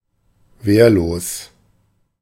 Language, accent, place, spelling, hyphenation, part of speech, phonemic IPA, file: German, Germany, Berlin, wehrlos, wehr‧los, adjective, /ˈveːɐ̯loːs/, De-wehrlos.ogg
- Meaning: defenseless